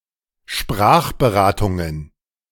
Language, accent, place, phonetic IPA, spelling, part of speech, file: German, Germany, Berlin, [ˈʃpʁaːxbəˌʁaːtʊŋən], Sprachberatungen, noun, De-Sprachberatungen.ogg
- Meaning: plural of Sprachberatung